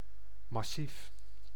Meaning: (adjective) solid, massive; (noun) massif, mountain mass
- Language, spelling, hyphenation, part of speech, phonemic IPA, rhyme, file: Dutch, massief, mas‧sief, adjective / noun, /mɑˈsif/, -if, Nl-massief.ogg